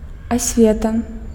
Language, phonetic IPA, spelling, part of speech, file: Belarusian, [asʲˈvʲeta], асвета, noun, Be-асвета.ogg
- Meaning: education